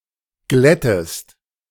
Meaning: inflection of glätten: 1. second-person singular present 2. second-person singular subjunctive I
- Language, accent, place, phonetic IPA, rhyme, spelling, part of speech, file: German, Germany, Berlin, [ˈɡlɛtəst], -ɛtəst, glättest, verb, De-glättest.ogg